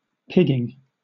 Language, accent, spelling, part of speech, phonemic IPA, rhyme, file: English, Southern England, pigging, adjective / verb / noun, /ˈpɪɡɪŋ/, -ɪɡɪŋ, LL-Q1860 (eng)-pigging.wav
- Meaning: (adjective) Damned (used as a mild intensive); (verb) present participle and gerund of pig; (noun) 1. The use of a pig (the device) to clean a pipeline 2. Alternative form of piggin